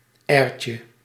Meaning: diminutive of air
- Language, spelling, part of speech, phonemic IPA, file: Dutch, airtje, noun, /ˈɛːrcə/, Nl-airtje.ogg